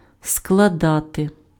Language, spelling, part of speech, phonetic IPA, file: Ukrainian, складати, verb, [skɫɐˈdate], Uk-складати.ogg
- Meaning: 1. to lay together, to put together, to assemble 2. to fold 3. to add up, to sum up, to tot up, to aggregate 4. to constitute, to draw up, to compose (:document, plan) 5. to compose (:poem, work)